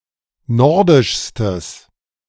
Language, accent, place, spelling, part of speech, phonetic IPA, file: German, Germany, Berlin, nordischstes, adjective, [ˈnɔʁdɪʃstəs], De-nordischstes.ogg
- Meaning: strong/mixed nominative/accusative neuter singular superlative degree of nordisch